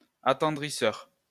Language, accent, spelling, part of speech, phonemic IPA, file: French, France, attendrisseur, noun, /a.tɑ̃.dʁi.sœʁ/, LL-Q150 (fra)-attendrisseur.wav
- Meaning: tenderizer